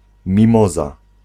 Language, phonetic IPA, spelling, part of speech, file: Polish, [mʲĩˈmɔza], mimoza, noun, Pl-mimoza.ogg